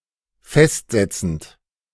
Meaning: present participle of festsetzen
- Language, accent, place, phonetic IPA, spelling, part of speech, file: German, Germany, Berlin, [ˈfɛstˌzɛt͡sn̩t], festsetzend, verb, De-festsetzend.ogg